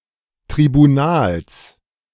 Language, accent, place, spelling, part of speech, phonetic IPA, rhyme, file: German, Germany, Berlin, Tribunals, noun, [tʁibuˈnaːls], -aːls, De-Tribunals.ogg
- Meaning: genitive singular of Tribunal